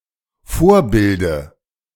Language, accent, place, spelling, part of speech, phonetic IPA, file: German, Germany, Berlin, Vorbilde, noun, [ˈfoːɐ̯ˌbɪldə], De-Vorbilde.ogg
- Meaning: dative of Vorbild